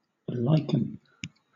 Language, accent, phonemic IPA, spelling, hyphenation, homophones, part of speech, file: English, Southern England, /ˈlaɪk(ə)n/, liken, lik‧en, lichen / lycan, verb, LL-Q1860 (eng)-liken.wav
- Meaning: Followed by to or (archaic) unto: to regard or state that (someone or something) is like another person or thing; to compare